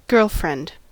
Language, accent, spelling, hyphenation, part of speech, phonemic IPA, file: English, US, girlfriend, girl‧friend, noun / verb, /ˈɡɝlfɹɛnd/, En-us-girlfriend.ogg
- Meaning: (noun) 1. A female partner in an unmarried romantic relationship 2. A female friend of a woman or girl 3. A fellow gay man, especially a friend as opposed to a sexual partner